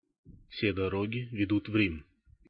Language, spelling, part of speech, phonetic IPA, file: Russian, все дороги ведут в Рим, proverb, [fsʲe dɐˈroɡʲɪ vʲɪˈdut ˈv‿rʲim], Ru-все дороги ведут в Рим.ogg
- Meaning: all roads lead to Rome (different paths to the same goal)